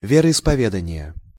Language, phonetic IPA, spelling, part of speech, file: Russian, [ˌvʲerəɪspɐˈvʲedənʲɪjə], вероисповедания, noun, Ru-вероисповедания.ogg
- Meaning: inflection of вероиспове́дание (veroispovédanije): 1. genitive singular 2. nominative/accusative plural